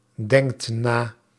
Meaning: inflection of nadenken: 1. second/third-person singular present indicative 2. plural imperative
- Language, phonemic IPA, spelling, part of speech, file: Dutch, /ˈdɛŋkt ˈna/, denkt na, verb, Nl-denkt na.ogg